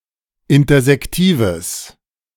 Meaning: strong/mixed nominative/accusative neuter singular of intersektiv
- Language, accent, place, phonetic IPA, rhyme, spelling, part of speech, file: German, Germany, Berlin, [ˌɪntɐzɛkˈtiːvəs], -iːvəs, intersektives, adjective, De-intersektives.ogg